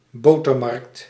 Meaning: butter market
- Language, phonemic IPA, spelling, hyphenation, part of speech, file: Dutch, /ˈboː.tərˌmɑrkt/, botermarkt, bo‧ter‧markt, noun, Nl-botermarkt.ogg